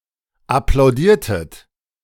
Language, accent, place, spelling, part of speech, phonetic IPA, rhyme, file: German, Germany, Berlin, applaudiertet, verb, [aplaʊ̯ˈdiːɐ̯tət], -iːɐ̯tət, De-applaudiertet.ogg
- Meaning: inflection of applaudieren: 1. second-person plural preterite 2. second-person plural subjunctive II